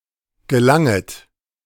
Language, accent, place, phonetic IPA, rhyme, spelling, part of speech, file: German, Germany, Berlin, [ɡəˈlaŋət], -aŋət, gelanget, verb, De-gelanget.ogg
- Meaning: second-person plural subjunctive I of gelangen